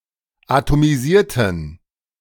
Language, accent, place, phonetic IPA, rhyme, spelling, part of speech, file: German, Germany, Berlin, [atomiˈziːɐ̯tn̩], -iːɐ̯tn̩, atomisierten, adjective / verb, De-atomisierten.ogg
- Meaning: inflection of atomisieren: 1. first/third-person plural preterite 2. first/third-person plural subjunctive II